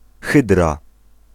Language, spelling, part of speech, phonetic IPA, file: Polish, Hydra, proper noun, [ˈxɨdra], Pl-Hydra.ogg